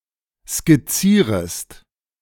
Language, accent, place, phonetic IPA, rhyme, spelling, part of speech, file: German, Germany, Berlin, [skɪˈt͡siːʁəst], -iːʁəst, skizzierest, verb, De-skizzierest.ogg
- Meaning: second-person singular subjunctive I of skizzieren